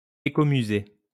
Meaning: ecomuseum
- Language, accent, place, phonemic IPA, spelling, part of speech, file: French, France, Lyon, /e.ko.my.ze/, écomusée, noun, LL-Q150 (fra)-écomusée.wav